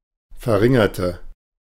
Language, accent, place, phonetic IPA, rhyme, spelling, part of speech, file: German, Germany, Berlin, [fɛɐ̯ˈʁɪŋɐtə], -ɪŋɐtə, verringerte, adjective / verb, De-verringerte.ogg
- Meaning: inflection of verringern: 1. first/third-person singular preterite 2. first/third-person singular subjunctive II